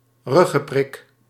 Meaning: an injection of a substance for spinal anaesthesia
- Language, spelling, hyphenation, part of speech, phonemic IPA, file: Dutch, ruggenprik, rug‧gen‧prik, noun, /ˈrʏ.ɣə(n)ˌprɪk/, Nl-ruggenprik.ogg